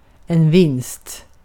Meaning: 1. a win (individual victory) 2. a gain, a profit 3. a prize
- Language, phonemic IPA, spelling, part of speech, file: Swedish, /vɪnst/, vinst, noun, Sv-vinst.ogg